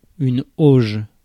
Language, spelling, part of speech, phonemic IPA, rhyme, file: French, auge, noun / verb, /oʒ/, -oʒ, Fr-auge.ogg
- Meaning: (noun) 1. trough (long, narrow container for feeding animals) 2. mixing tub, mortar box (pan or tub for mixing mortar) 3. bucket (of a water wheel)